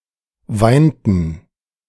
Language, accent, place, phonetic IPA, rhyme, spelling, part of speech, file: German, Germany, Berlin, [ˈvaɪ̯ntn̩], -aɪ̯ntn̩, weinten, verb, De-weinten.ogg
- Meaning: inflection of weinen: 1. first/third-person plural preterite 2. first/third-person plural subjunctive II